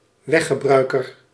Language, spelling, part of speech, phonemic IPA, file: Dutch, weggebruiker, noun, /ˈwɛxəˌbrœykər/, Nl-weggebruiker.ogg
- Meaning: road user (someone who makes use of a public road at any given time)